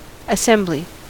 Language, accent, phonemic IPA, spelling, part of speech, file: English, US, /əˈsɛmb.li/, assembly, noun, En-us-assembly.ogg
- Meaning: 1. A set of pieces that work together in unison as a mechanism or device 2. The act or process of putting together a set of pieces, fragments, or elements